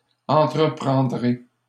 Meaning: first-person singular future of entreprendre
- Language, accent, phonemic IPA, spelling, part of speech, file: French, Canada, /ɑ̃.tʁə.pʁɑ̃.dʁe/, entreprendrai, verb, LL-Q150 (fra)-entreprendrai.wav